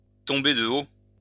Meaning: to come down to earth with a bump, to go back to earth with a bump, to have one's hopes dashed, to be very disappointed
- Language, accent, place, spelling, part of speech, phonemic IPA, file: French, France, Lyon, tomber de haut, verb, /tɔ̃.be də o/, LL-Q150 (fra)-tomber de haut.wav